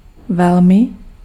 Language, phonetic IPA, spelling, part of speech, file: Czech, [ˈvɛlmɪ], velmi, adverb, Cs-velmi.ogg
- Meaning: 1. very 2. lot, a lot